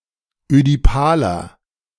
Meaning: 1. comparative degree of ödipal 2. inflection of ödipal: strong/mixed nominative masculine singular 3. inflection of ödipal: strong genitive/dative feminine singular
- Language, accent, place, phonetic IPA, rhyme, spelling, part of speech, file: German, Germany, Berlin, [ødiˈpaːlɐ], -aːlɐ, ödipaler, adjective, De-ödipaler.ogg